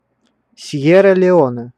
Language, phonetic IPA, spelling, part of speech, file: Russian, [ˈsʲjerə lʲɪˈonɛ], Сьерра-Леоне, proper noun, Ru-Сьерра-Леоне.ogg
- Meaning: Sierra Leone (a country in West Africa)